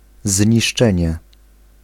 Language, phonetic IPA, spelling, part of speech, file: Polish, [zʲɲiʃˈt͡ʃɛ̃ɲɛ], zniszczenie, noun, Pl-zniszczenie.ogg